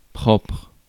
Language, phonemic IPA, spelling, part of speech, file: French, /pʁɔpʁ/, propre, adjective, Fr-propre.ogg
- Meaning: 1. own 2. clean 3. toilet-trained 4. house-trained 5. proper, specific, particular 6. eigen-